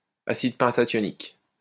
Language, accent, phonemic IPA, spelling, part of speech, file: French, France, /a.sid pɛ̃.ta.tjɔ.nik/, acide pentathionique, noun, LL-Q150 (fra)-acide pentathionique.wav
- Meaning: pentathionic acid